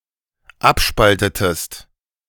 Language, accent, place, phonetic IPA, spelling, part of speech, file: German, Germany, Berlin, [ˈapˌʃpaltətəst], abspaltetest, verb, De-abspaltetest.ogg
- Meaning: inflection of abspalten: 1. second-person singular dependent preterite 2. second-person singular dependent subjunctive II